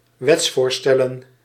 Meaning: plural of wetsvoorstel
- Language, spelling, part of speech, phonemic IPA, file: Dutch, wetsvoorstellen, noun, /ˈwɛtsforstɛlə(n)/, Nl-wetsvoorstellen.ogg